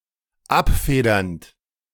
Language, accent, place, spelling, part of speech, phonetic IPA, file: German, Germany, Berlin, abfedernd, verb, [ˈapˌfeːdɐnt], De-abfedernd.ogg
- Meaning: present participle of abfedern